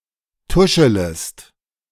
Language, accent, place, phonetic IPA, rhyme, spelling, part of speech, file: German, Germany, Berlin, [ˈtʊʃələst], -ʊʃələst, tuschelest, verb, De-tuschelest.ogg
- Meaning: second-person singular subjunctive I of tuscheln